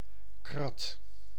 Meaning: crate
- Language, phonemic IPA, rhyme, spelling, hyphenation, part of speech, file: Dutch, /krɑt/, -ɑt, krat, krat, noun, Nl-krat.ogg